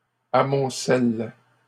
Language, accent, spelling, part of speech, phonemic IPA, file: French, Canada, amoncellent, verb, /a.mɔ̃.sɛl/, LL-Q150 (fra)-amoncellent.wav
- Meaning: third-person plural present indicative/subjunctive of amonceler